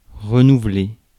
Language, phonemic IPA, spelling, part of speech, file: French, /ʁə.nu.vle/, renouveler, verb, Fr-renouveler.ogg
- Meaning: 1. to renew 2. to reinvent oneself